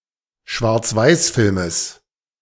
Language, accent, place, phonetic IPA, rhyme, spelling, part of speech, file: German, Germany, Berlin, [ʃvaʁt͡sˈvaɪ̯sˌfɪlməs], -aɪ̯sfɪlməs, Schwarzweißfilmes, noun, De-Schwarzweißfilmes.ogg
- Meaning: genitive singular of Schwarzweißfilm